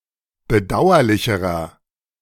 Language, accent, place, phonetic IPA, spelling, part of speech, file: German, Germany, Berlin, [bəˈdaʊ̯ɐlɪçəʁɐ], bedauerlicherer, adjective, De-bedauerlicherer.ogg
- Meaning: inflection of bedauerlich: 1. strong/mixed nominative masculine singular comparative degree 2. strong genitive/dative feminine singular comparative degree 3. strong genitive plural comparative degree